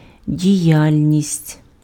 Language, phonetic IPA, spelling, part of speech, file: Ukrainian, [dʲiˈjalʲnʲisʲtʲ], діяльність, noun, Uk-діяльність.ogg
- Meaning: activity